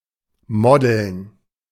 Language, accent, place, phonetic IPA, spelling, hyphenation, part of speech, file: German, Germany, Berlin, [ˈmɔdl̩n], modeln, mo‧deln, verb, De-modeln.ogg
- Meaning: to model